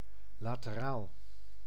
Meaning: lateral
- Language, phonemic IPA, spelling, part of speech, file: Dutch, /ˌlateˈral/, lateraal, adjective, Nl-lateraal.ogg